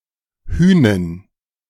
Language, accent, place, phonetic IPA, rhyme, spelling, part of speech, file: German, Germany, Berlin, [ˈhyːnən], -yːnən, Hünen, noun, De-Hünen.ogg
- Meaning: 1. plural of Hüne 2. genitive singular of Hüne